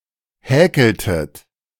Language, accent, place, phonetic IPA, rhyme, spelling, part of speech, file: German, Germany, Berlin, [ˈhɛːkl̩tət], -ɛːkl̩tət, häkeltet, verb, De-häkeltet.ogg
- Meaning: inflection of häkeln: 1. second-person plural preterite 2. second-person plural subjunctive II